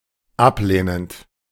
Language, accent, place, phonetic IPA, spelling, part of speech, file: German, Germany, Berlin, [ˈapˌleːnənt], ablehnend, verb, De-ablehnend.ogg
- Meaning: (verb) present participle of ablehnen; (adjective) rejecting, refusing, negative